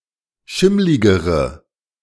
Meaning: inflection of schimmlig: 1. strong/mixed nominative/accusative feminine singular comparative degree 2. strong nominative/accusative plural comparative degree
- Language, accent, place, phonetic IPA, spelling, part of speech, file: German, Germany, Berlin, [ˈʃɪmlɪɡəʁə], schimmligere, adjective, De-schimmligere.ogg